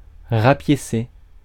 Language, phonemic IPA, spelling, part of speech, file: French, /ʁa.pje.se/, rapiécer, verb, Fr-rapiécer.ogg
- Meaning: to patch